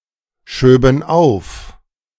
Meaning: first/third-person plural subjunctive II of aufschieben
- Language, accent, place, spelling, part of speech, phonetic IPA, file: German, Germany, Berlin, schöben auf, verb, [ˌʃøːbn̩ ˈaʊ̯f], De-schöben auf.ogg